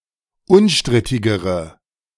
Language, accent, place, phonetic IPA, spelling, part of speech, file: German, Germany, Berlin, [ˈʊnˌʃtʁɪtɪɡəʁə], unstrittigere, adjective, De-unstrittigere.ogg
- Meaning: inflection of unstrittig: 1. strong/mixed nominative/accusative feminine singular comparative degree 2. strong nominative/accusative plural comparative degree